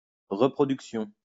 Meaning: reproduction
- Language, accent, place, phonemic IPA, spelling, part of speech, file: French, France, Lyon, /ʁə.pʁɔ.dyk.sjɔ̃/, reproduction, noun, LL-Q150 (fra)-reproduction.wav